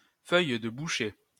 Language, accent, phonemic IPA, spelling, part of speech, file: French, France, /fœj də bu.ʃe/, feuille de boucher, noun, LL-Q150 (fra)-feuille de boucher.wav
- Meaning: cleaver (butchers' knife)